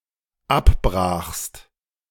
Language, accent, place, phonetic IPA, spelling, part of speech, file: German, Germany, Berlin, [ˈapˌbʁaːxst], abbrachst, verb, De-abbrachst.ogg
- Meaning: second-person singular dependent preterite of abbrechen